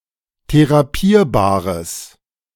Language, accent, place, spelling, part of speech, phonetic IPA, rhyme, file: German, Germany, Berlin, therapierbares, adjective, [teʁaˈpiːɐ̯baːʁəs], -iːɐ̯baːʁəs, De-therapierbares.ogg
- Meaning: strong/mixed nominative/accusative neuter singular of therapierbar